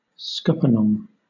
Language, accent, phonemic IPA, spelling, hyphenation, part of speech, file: English, Southern England, /ˈskʌpənɒŋ/, scuppernong, scup‧per‧nong, noun, LL-Q1860 (eng)-scuppernong.wav
- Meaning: A large greenish-bronze grape native to the Southeastern United States, a variety of the muscadine grape (Vitis rotundifolia)